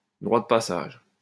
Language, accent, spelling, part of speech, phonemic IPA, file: French, France, droit de passage, noun, /dʁwa d(ə) pa.saʒ/, LL-Q150 (fra)-droit de passage.wav
- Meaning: wayleave, right of way